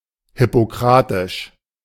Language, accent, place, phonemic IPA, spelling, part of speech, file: German, Germany, Berlin, /hɪpoˈkʁaːtɪʃ/, hippokratisch, adjective, De-hippokratisch.ogg
- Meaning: Hippocratic